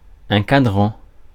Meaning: 1. dial 2. face (of a clock) 3. alarm clock
- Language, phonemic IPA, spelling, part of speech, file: French, /ka.dʁɑ̃/, cadran, noun, Fr-cadran.ogg